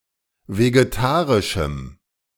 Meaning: strong dative masculine/neuter singular of vegetarisch
- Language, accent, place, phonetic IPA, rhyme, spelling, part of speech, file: German, Germany, Berlin, [veɡeˈtaːʁɪʃm̩], -aːʁɪʃm̩, vegetarischem, adjective, De-vegetarischem.ogg